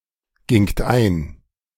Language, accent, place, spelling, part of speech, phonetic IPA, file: German, Germany, Berlin, gingt ein, verb, [ˌɡɪŋt ˈaɪ̯n], De-gingt ein.ogg
- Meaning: second-person plural preterite of eingehen